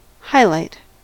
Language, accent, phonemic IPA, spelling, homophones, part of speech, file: English, US, /ˈhaɪˌlaɪt/, highlight, hilite, noun / verb, En-us-highlight.ogg
- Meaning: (noun) 1. An area or a spot in a drawing, painting, or photograph that is strongly illuminated 2. An especially significant or interesting detail or event or period of time